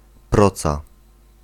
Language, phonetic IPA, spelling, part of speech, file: Polish, [ˈprɔt͡sa], proca, noun, Pl-proca.ogg